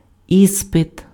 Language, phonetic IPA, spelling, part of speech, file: Ukrainian, [ˈispet], іспит, noun, Uk-іспит.ogg
- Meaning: 1. examination, exam, test (verification of knowledge or capabilities in a specific domain) 2. test, trial, ordeal (challenging experience)